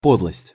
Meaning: 1. meanness, baseness 2. mean/base/lowdown act/trick
- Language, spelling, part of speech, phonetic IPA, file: Russian, подлость, noun, [ˈpodɫəsʲtʲ], Ru-подлость.ogg